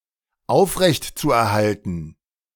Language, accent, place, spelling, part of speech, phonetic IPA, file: German, Germany, Berlin, aufrechtzuerhalten, verb, [ˈaʊ̯fʁɛçtt͡suʔɛɐ̯ˌhaltn̩], De-aufrechtzuerhalten.ogg
- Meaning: zu-infinitive of aufrechterhalten